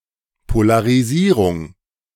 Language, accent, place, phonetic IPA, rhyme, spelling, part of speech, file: German, Germany, Berlin, [polaʁiˈziːʁʊŋ], -iːʁʊŋ, Polarisierung, noun, De-Polarisierung.ogg
- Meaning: polarization / polarisation